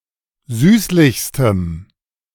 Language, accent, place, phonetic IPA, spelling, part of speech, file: German, Germany, Berlin, [ˈzyːslɪçstəm], süßlichstem, adjective, De-süßlichstem.ogg
- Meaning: strong dative masculine/neuter singular superlative degree of süßlich